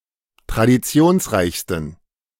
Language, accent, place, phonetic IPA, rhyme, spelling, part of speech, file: German, Germany, Berlin, [tʁadiˈt͡si̯oːnsˌʁaɪ̯çstn̩], -oːnsʁaɪ̯çstn̩, traditionsreichsten, adjective, De-traditionsreichsten.ogg
- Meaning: 1. superlative degree of traditionsreich 2. inflection of traditionsreich: strong genitive masculine/neuter singular superlative degree